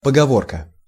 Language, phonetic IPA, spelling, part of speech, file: Russian, [pəɡɐˈvorkə], поговорка, noun, Ru-поговорка.ogg
- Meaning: saying, proverb, byword (concise, descriptive folk phrase)